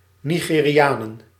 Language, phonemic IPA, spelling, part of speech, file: Dutch, /ˌniɣeriˈjanə(n)/, Nigerianen, noun, Nl-Nigerianen.ogg
- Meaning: plural of Nigeriaan